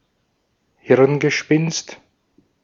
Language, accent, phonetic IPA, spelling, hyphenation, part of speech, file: German, Austria, [ˈhɪʁnɡəˌʃpɪnst], Hirngespinst, Hirn‧ge‧spinst, noun, De-at-Hirngespinst.ogg
- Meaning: 1. chimera, fantasy 2. pipe dream